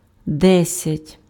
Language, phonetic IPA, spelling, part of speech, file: Ukrainian, [ˈdɛsʲɐtʲ], десять, numeral, Uk-десять.ogg
- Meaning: ten (10)